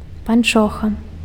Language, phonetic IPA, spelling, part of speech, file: Belarusian, [panˈt͡ʂoxa], панчоха, noun, Be-панчоха.ogg
- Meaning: stocking (a soft garment, usually knit or woven, worn on the foot and lower leg under shoes or other footwear)